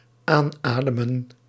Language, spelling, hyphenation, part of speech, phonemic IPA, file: Dutch, aanademen, aan‧ade‧men, verb, /ˈaːnˌaːdə.mə(n)/, Nl-aanademen.ogg
- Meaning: to breathe onto, inhale